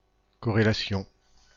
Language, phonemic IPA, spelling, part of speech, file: French, /kɔ.ʁe.la.sjɔ̃/, corrélation, noun, FR-corrélation.ogg
- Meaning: correlation (reciprocal, parallel or complementary relationship between two or more comparable objects)